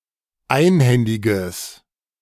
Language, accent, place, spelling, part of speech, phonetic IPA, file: German, Germany, Berlin, einhändiges, adjective, [ˈaɪ̯nˌhɛndɪɡəs], De-einhändiges.ogg
- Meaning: strong/mixed nominative/accusative neuter singular of einhändig